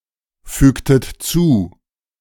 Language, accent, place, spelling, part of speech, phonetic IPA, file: German, Germany, Berlin, fügtet zu, verb, [ˌfyːktət ˈt͡suː], De-fügtet zu.ogg
- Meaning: inflection of zufügen: 1. second-person plural preterite 2. second-person plural subjunctive II